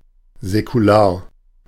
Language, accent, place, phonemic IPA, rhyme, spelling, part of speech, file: German, Germany, Berlin, /zɛkuˈlaːɐ̯/, -aːɐ̯, säkular, adjective, De-säkular.ogg
- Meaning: secular